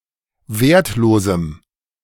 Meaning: strong dative masculine/neuter singular of wertlos
- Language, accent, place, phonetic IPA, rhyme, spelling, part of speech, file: German, Germany, Berlin, [ˈveːɐ̯tˌloːzm̩], -eːɐ̯tloːzm̩, wertlosem, adjective, De-wertlosem.ogg